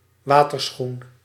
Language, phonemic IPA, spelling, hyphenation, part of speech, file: Dutch, /ˈʋaː.tərˌsxun/, waterschoen, wa‧ter‧schoen, noun, Nl-waterschoen.ogg
- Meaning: a water shoe (shoe intended for use in water)